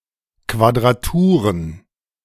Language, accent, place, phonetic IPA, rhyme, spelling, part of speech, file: German, Germany, Berlin, [ˌkvadʁaˈtuːʁən], -uːʁən, Quadraturen, noun, De-Quadraturen.ogg
- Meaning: plural of Quadratur